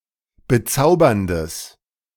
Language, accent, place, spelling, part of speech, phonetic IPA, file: German, Germany, Berlin, bezauberndes, adjective, [bəˈt͡saʊ̯bɐndəs], De-bezauberndes.ogg
- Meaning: strong/mixed nominative/accusative neuter singular of bezaubernd